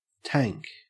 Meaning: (noun) 1. A closed container for liquids or gases 2. An open container or pool for storing water or other liquids 3. A pond, pool, or small lake (either natural or artificial)
- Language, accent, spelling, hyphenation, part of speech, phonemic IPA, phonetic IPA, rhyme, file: English, Australia, tank, tank, noun / adjective / verb, /ˈtæŋk/, [ˈtʰeːŋk], -æŋk, En-au-tank.ogg